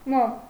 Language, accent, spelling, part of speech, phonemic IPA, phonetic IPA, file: Armenian, Eastern Armenian, մոմ, noun, /mom/, [mom], Hy-մոմ.ogg
- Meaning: 1. wax 2. candle